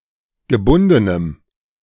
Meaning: strong dative masculine/neuter singular of gebunden
- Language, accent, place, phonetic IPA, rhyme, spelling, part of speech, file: German, Germany, Berlin, [ɡəˈbʊndənəm], -ʊndənəm, gebundenem, adjective, De-gebundenem.ogg